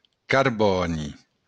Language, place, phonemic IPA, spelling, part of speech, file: Occitan, Béarn, /karˈbɔni/, carbòni, noun, LL-Q14185 (oci)-carbòni.wav
- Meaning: carbon